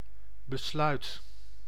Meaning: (noun) 1. decision (e.g. after consideration of alternatives) 2. determination (to do or follow through with something)
- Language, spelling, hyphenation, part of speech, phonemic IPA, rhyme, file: Dutch, besluit, be‧sluit, noun / verb, /bəˈslœy̯t/, -œy̯t, Nl-besluit.ogg